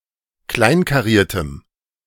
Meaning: strong dative masculine/neuter singular of kleinkariert
- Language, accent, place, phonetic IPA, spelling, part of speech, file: German, Germany, Berlin, [ˈklaɪ̯nkaˌʁiːɐ̯təm], kleinkariertem, adjective, De-kleinkariertem.ogg